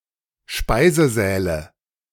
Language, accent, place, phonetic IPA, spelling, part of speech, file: German, Germany, Berlin, [ˈʃpaɪ̯zəˌzɛːlə], Speisesäle, noun, De-Speisesäle.ogg
- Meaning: nominative/accusative/genitive plural of Speisesaal